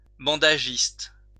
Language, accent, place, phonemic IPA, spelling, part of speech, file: French, France, Lyon, /bɑ̃.da.ʒist/, bandagiste, noun, LL-Q150 (fra)-bandagiste.wav
- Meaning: a person who makes or sells bandages